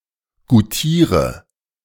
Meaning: inflection of goutieren: 1. first-person singular present 2. singular imperative 3. first/third-person singular subjunctive I
- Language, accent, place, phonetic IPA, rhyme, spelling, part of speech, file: German, Germany, Berlin, [ɡuˈtiːʁə], -iːʁə, goutiere, verb, De-goutiere.ogg